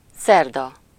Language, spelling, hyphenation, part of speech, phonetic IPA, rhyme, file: Hungarian, szerda, szer‧da, noun, [ˈsɛrdɒ], -dɒ, Hu-szerda.ogg
- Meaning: Wednesday